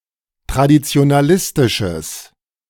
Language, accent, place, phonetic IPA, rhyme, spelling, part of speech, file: German, Germany, Berlin, [tʁadit͡si̯onaˈlɪstɪʃəs], -ɪstɪʃəs, traditionalistisches, adjective, De-traditionalistisches.ogg
- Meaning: strong/mixed nominative/accusative neuter singular of traditionalistisch